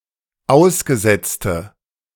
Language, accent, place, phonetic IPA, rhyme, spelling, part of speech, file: German, Germany, Berlin, [ˈaʊ̯sɡəˌzɛt͡stə], -aʊ̯sɡəzɛt͡stə, ausgesetzte, adjective, De-ausgesetzte.ogg
- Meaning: inflection of ausgesetzt: 1. strong/mixed nominative/accusative feminine singular 2. strong nominative/accusative plural 3. weak nominative all-gender singular